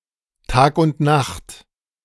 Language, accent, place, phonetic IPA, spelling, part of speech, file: German, Germany, Berlin, [ˈtaːk ʊnt ˈnaxt], Tag und Nacht, phrase, De-Tag und Nacht.ogg
- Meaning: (adverb) day and night, night and day; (noun) day and night